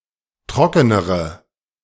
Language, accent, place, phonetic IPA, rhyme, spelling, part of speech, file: German, Germany, Berlin, [ˈtʁɔkənəʁə], -ɔkənəʁə, trockenere, adjective, De-trockenere.ogg
- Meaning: inflection of trocken: 1. strong/mixed nominative/accusative feminine singular comparative degree 2. strong nominative/accusative plural comparative degree